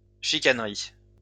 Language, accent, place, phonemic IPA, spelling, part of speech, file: French, France, Lyon, /ʃi.kan.ʁi/, chicanerie, noun, LL-Q150 (fra)-chicanerie.wav
- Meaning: niggling; hairsplitting